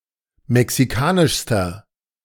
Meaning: inflection of mexikanisch: 1. strong/mixed nominative masculine singular superlative degree 2. strong genitive/dative feminine singular superlative degree 3. strong genitive plural superlative degree
- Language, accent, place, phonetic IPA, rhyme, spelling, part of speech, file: German, Germany, Berlin, [mɛksiˈkaːnɪʃstɐ], -aːnɪʃstɐ, mexikanischster, adjective, De-mexikanischster.ogg